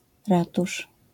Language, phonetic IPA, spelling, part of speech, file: Polish, [ˈratuʃ], ratusz, noun, LL-Q809 (pol)-ratusz.wav